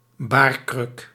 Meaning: birthstool
- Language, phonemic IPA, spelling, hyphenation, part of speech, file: Dutch, /ˈbaːr.krʏk/, baarkruk, baar‧kruk, noun, Nl-baarkruk.ogg